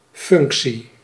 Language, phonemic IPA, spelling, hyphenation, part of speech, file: Dutch, /ˈfʏŋk.(t)si/, functie, func‧tie, noun, Nl-functie.ogg
- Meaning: 1. job, position 2. function, purpose 3. function 4. use, purpose (of a machine or tool)